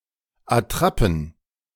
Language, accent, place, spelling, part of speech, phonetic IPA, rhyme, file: German, Germany, Berlin, Attrappen, noun, [aˈtʁapn̩], -apn̩, De-Attrappen.ogg
- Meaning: plural of Attrappe